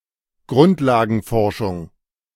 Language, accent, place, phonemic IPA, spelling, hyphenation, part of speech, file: German, Germany, Berlin, /ˈɡʁʊntlaːɡn̩ˌfɔʁʃʊŋ/, Grundlagenforschung, Grund‧la‧gen‧for‧schung, noun, De-Grundlagenforschung.ogg
- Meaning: basic research